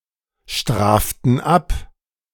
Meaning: inflection of abstrafen: 1. first/third-person plural present 2. first/third-person plural subjunctive I
- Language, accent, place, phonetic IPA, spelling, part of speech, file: German, Germany, Berlin, [ˌʃtʁaːftn̩ ˈap], straften ab, verb, De-straften ab.ogg